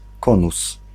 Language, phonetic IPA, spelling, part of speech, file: Polish, [ˈkɔ̃nus], konus, noun, Pl-konus.ogg